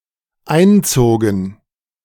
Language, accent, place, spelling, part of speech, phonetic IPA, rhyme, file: German, Germany, Berlin, einzogen, verb, [ˈaɪ̯nˌt͡soːɡn̩], -aɪ̯nt͡soːɡn̩, De-einzogen.ogg
- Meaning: first/third-person plural dependent preterite of einziehen